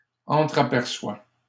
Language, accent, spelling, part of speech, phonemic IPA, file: French, Canada, entraperçoit, verb, /ɑ̃.tʁa.pɛʁ.swa/, LL-Q150 (fra)-entraperçoit.wav
- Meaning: third-person singular present indicative of entrapercevoir